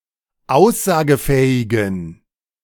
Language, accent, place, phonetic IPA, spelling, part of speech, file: German, Germany, Berlin, [ˈaʊ̯szaːɡəˌfɛːɪɡn̩], aussagefähigen, adjective, De-aussagefähigen.ogg
- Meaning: inflection of aussagefähig: 1. strong genitive masculine/neuter singular 2. weak/mixed genitive/dative all-gender singular 3. strong/weak/mixed accusative masculine singular 4. strong dative plural